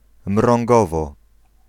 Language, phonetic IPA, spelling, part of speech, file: Polish, [mrɔ̃ŋˈɡɔvɔ], Mrągowo, proper noun, Pl-Mrągowo.ogg